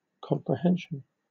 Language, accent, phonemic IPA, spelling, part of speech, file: English, Southern England, /ˌkɒmpɹɪˈhɛnʃn̩/, comprehension, noun, LL-Q1860 (eng)-comprehension.wav
- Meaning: A thorough understanding